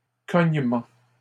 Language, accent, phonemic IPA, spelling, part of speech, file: French, Canada, /kɔɲ.mɑ̃/, cognement, noun, LL-Q150 (fra)-cognement.wav
- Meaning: knocking, pounding